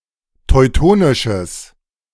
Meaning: strong/mixed nominative/accusative neuter singular of teutonisch
- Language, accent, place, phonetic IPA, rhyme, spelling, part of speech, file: German, Germany, Berlin, [tɔɪ̯ˈtoːnɪʃəs], -oːnɪʃəs, teutonisches, adjective, De-teutonisches.ogg